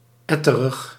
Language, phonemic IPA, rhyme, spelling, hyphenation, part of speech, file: Dutch, /ˈɛ.tə.rəx/, -ɛtərəx, etterig, et‧te‧rig, adjective, Nl-etterig.ogg
- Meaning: 1. purulent, pussy (containing or consisting of pus) 2. nasty, pratty